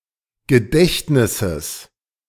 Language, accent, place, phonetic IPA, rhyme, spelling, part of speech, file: German, Germany, Berlin, [ɡəˈdɛçtnɪsəs], -ɛçtnɪsəs, Gedächtnisses, noun, De-Gedächtnisses.ogg
- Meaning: genitive singular of Gedächtnis